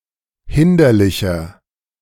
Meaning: 1. comparative degree of hinderlich 2. inflection of hinderlich: strong/mixed nominative masculine singular 3. inflection of hinderlich: strong genitive/dative feminine singular
- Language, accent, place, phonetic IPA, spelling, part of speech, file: German, Germany, Berlin, [ˈhɪndɐlɪçɐ], hinderlicher, adjective, De-hinderlicher.ogg